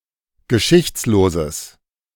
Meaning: strong/mixed nominative/accusative neuter singular of geschichtslos
- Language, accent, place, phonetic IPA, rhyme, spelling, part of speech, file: German, Germany, Berlin, [ɡəˈʃɪçt͡sloːzəs], -ɪçt͡sloːzəs, geschichtsloses, adjective, De-geschichtsloses.ogg